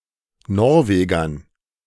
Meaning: dative plural of Norweger
- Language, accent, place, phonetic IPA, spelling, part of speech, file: German, Germany, Berlin, [ˈnɔʁˌveːɡɐn], Norwegern, noun, De-Norwegern.ogg